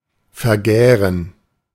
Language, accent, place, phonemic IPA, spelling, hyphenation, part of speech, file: German, Germany, Berlin, /fɛɐ̯ˈɡɛːʁən/, vergären, ver‧gä‧ren, verb, De-vergären.ogg
- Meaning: to ferment